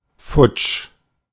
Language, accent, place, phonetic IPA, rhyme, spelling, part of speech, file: German, Germany, Berlin, [fʊt͡ʃ], -ʊt͡ʃ, futsch, adjective, De-futsch.ogg
- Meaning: down the drain, gone, away